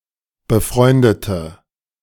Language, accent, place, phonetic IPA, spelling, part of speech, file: German, Germany, Berlin, [bəˈfʁɔɪ̯ndətə], befreundete, adjective / verb, De-befreundete.ogg
- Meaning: inflection of befreunden: 1. first/third-person singular preterite 2. first/third-person singular subjunctive II